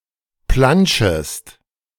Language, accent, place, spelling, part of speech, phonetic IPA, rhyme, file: German, Germany, Berlin, planschest, verb, [ˈplanʃəst], -anʃəst, De-planschest.ogg
- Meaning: second-person singular subjunctive I of planschen